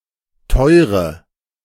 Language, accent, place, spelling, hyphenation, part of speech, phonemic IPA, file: German, Germany, Berlin, teure, teu‧re, adjective, /ˈtɔʏʁə/, De-teure.ogg
- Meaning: inflection of teuer: 1. strong/mixed nominative/accusative feminine singular 2. strong nominative/accusative plural 3. weak nominative all-gender singular 4. weak accusative feminine/neuter singular